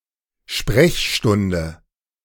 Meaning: 1. office hours 2. consultation-hour, surgery
- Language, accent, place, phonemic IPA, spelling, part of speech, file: German, Germany, Berlin, /ˈʃprɛçʃtʊndə/, Sprechstunde, noun, De-Sprechstunde.ogg